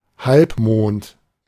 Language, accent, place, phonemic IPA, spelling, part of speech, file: German, Germany, Berlin, /ˈhalpˌmoːnt/, Halbmond, noun, De-Halbmond.ogg
- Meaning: half-moon, crescent